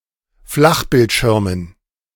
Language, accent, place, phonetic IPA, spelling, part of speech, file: German, Germany, Berlin, [ˈflaxbɪltˌʃɪʁmən], Flachbildschirmen, noun, De-Flachbildschirmen.ogg
- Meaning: dative plural of Flachbildschirm